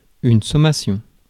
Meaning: 1. notice 2. summons, court summons 3. summation (addition)
- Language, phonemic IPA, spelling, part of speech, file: French, /sɔ.ma.sjɔ̃/, sommation, noun, Fr-sommation.ogg